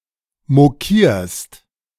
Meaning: second-person singular present of mokieren
- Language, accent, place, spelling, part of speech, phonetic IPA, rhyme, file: German, Germany, Berlin, mokierst, verb, [moˈkiːɐ̯st], -iːɐ̯st, De-mokierst.ogg